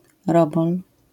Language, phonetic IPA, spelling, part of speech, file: Polish, [ˈrɔbɔl], robol, noun, LL-Q809 (pol)-robol.wav